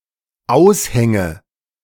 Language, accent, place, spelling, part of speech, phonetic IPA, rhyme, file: German, Germany, Berlin, Aushänge, noun, [ˈaʊ̯sˌhɛŋə], -aʊ̯shɛŋə, De-Aushänge.ogg
- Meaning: nominative/accusative/genitive plural of Aushang